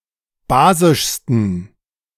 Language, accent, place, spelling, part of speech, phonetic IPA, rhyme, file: German, Germany, Berlin, basischsten, adjective, [ˈbaːzɪʃstn̩], -aːzɪʃstn̩, De-basischsten.ogg
- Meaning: 1. superlative degree of basisch 2. inflection of basisch: strong genitive masculine/neuter singular superlative degree